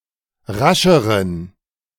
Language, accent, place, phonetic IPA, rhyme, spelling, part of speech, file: German, Germany, Berlin, [ˈʁaʃəʁən], -aʃəʁən, rascheren, adjective, De-rascheren.ogg
- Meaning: inflection of rasch: 1. strong genitive masculine/neuter singular comparative degree 2. weak/mixed genitive/dative all-gender singular comparative degree